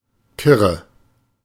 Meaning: 1. not thinking straight, confused, nervous or slightly hysteric 2. tame, accepting human fodder 3. tame, docile
- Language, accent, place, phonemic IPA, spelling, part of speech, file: German, Germany, Berlin, /ˈkɪʁə/, kirre, adjective, De-kirre.ogg